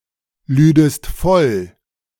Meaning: second-person singular subjunctive II of vollladen
- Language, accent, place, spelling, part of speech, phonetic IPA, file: German, Germany, Berlin, lüdest voll, verb, [ˌlyːdəst ˈfɔl], De-lüdest voll.ogg